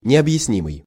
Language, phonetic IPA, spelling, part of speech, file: Russian, [nʲɪəbjɪsˈnʲimɨj], необъяснимый, adjective, Ru-необъяснимый.ogg
- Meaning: inexplicable, inscrutable